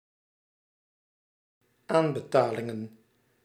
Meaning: plural of aanbetaling
- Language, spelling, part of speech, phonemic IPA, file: Dutch, aanbetalingen, noun, /ˈambəˌtalɪŋə(n)/, Nl-aanbetalingen.ogg